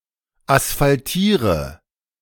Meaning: inflection of asphaltieren: 1. first-person singular present 2. first/third-person singular subjunctive I 3. singular imperative
- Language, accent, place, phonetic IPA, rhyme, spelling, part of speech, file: German, Germany, Berlin, [asfalˈtiːʁə], -iːʁə, asphaltiere, verb, De-asphaltiere.ogg